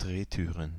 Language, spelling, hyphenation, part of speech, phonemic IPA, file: German, Drehtüren, Dreh‧tü‧ren, noun, /ˈdʁeːˌtyːʁən/, De-Drehtüren.ogg
- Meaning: plural of Drehtür